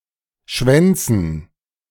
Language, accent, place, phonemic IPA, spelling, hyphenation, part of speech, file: German, Germany, Berlin, /ˈʃvɛntsən/, Schwänzen, Schwän‧zen, noun, De-Schwänzen.ogg
- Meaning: 1. gerund of schwänzen 2. dative plural of Schwanz